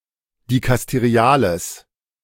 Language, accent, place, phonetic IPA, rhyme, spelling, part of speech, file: German, Germany, Berlin, [dikasteˈʁi̯aːləs], -aːləs, dikasteriales, adjective, De-dikasteriales.ogg
- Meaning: strong/mixed nominative/accusative neuter singular of dikasterial